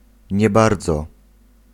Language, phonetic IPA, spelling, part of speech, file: Polish, [ɲɛ‿ˈbard͡zɔ], nie bardzo, adverbial phrase, Pl-nie bardzo.ogg